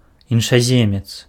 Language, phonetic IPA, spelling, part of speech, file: Belarusian, [jinʂaˈzʲemʲet͡s], іншаземец, noun, Be-іншаземец.ogg
- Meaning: foreigner